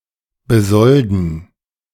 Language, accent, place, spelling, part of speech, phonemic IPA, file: German, Germany, Berlin, besolden, verb, /bəˈzɔldn̩/, De-besolden.ogg
- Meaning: to pay a salary to